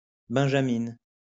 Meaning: female equivalent of benjamin: youngest (daughter)
- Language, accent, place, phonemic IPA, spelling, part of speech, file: French, France, Lyon, /bɛ̃.ʒa.min/, benjamine, noun, LL-Q150 (fra)-benjamine.wav